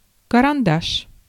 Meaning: 1. pencil 2. pencil marks, pencil drawing 3. stick (a small, thin cylinder of some material)
- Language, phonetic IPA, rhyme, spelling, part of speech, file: Russian, [kərɐnˈdaʂ], -aʂ, карандаш, noun, Ru-карандаш.ogg